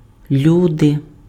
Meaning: 1. people, humans 2. nominative/vocative plural of люди́на (ljudýna)
- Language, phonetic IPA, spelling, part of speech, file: Ukrainian, [ˈlʲude], люди, noun, Uk-люди.ogg